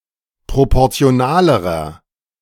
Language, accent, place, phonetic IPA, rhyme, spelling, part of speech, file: German, Germany, Berlin, [ˌpʁopɔʁt͡si̯oˈnaːləʁɐ], -aːləʁɐ, proportionalerer, adjective, De-proportionalerer.ogg
- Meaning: inflection of proportional: 1. strong/mixed nominative masculine singular comparative degree 2. strong genitive/dative feminine singular comparative degree 3. strong genitive plural comparative degree